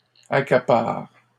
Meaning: inflection of accaparer: 1. first/third-person singular present indicative/subjunctive 2. second-person singular imperative
- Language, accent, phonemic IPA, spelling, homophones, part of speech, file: French, Canada, /a.ka.paʁ/, accapare, accaparent / accapares, verb, LL-Q150 (fra)-accapare.wav